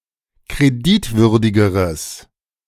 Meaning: strong/mixed nominative/accusative neuter singular comparative degree of kreditwürdig
- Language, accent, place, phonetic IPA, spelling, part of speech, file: German, Germany, Berlin, [kʁeˈdɪtˌvʏʁdɪɡəʁəs], kreditwürdigeres, adjective, De-kreditwürdigeres.ogg